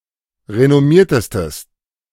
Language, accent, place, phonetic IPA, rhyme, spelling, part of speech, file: German, Germany, Berlin, [ʁenɔˈmiːɐ̯təstəs], -iːɐ̯təstəs, renommiertestes, adjective, De-renommiertestes.ogg
- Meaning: strong/mixed nominative/accusative neuter singular superlative degree of renommiert